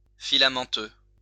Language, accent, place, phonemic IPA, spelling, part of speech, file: French, France, Lyon, /fi.la.mɑ̃.tø/, filamenteux, adjective, LL-Q150 (fra)-filamenteux.wav
- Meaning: filamentous; having filaments